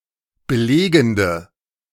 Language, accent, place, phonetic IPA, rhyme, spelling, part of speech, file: German, Germany, Berlin, [bəˈleːɡn̩də], -eːɡn̩də, belegende, adjective, De-belegende.ogg
- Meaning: inflection of belegend: 1. strong/mixed nominative/accusative feminine singular 2. strong nominative/accusative plural 3. weak nominative all-gender singular